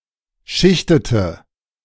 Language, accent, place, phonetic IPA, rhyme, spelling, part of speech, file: German, Germany, Berlin, [ˈʃɪçtətə], -ɪçtətə, schichtete, verb, De-schichtete.ogg
- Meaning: inflection of schichten: 1. first/third-person singular preterite 2. first/third-person singular subjunctive II